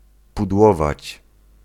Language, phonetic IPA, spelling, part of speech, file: Polish, [pudˈwɔvat͡ɕ], pudłować, verb, Pl-pudłować.ogg